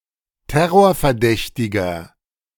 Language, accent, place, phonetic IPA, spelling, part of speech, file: German, Germany, Berlin, [ˈtɛʁoːɐ̯fɛɐ̯ˌdɛçtɪɡɐ], terrorverdächtiger, adjective, De-terrorverdächtiger.ogg
- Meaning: inflection of terrorverdächtig: 1. strong/mixed nominative masculine singular 2. strong genitive/dative feminine singular 3. strong genitive plural